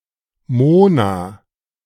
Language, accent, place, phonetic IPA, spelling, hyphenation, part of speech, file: German, Germany, Berlin, [ˈmoːnaː], Mona, Mo‧na, proper noun, De-Mona.ogg
- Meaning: a female given name